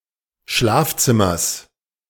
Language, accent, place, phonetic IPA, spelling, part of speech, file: German, Germany, Berlin, [ˈʃlaːfˌt͡sɪmɐs], Schlafzimmers, noun, De-Schlafzimmers.ogg
- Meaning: genitive singular of Schlafzimmer